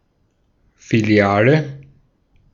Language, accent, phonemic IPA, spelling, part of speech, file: German, Austria, /fiˈli̯aːlə/, Filiale, noun, De-at-Filiale.ogg
- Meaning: branch (office of an organization with several locations)